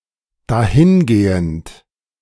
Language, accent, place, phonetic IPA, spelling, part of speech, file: German, Germany, Berlin, [ˈdaːhɪnˌɡeːənt], dahingehend, verb / adjective, De-dahingehend.ogg
- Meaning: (verb) present participle of dahingehen; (adjective) to that effect, consequently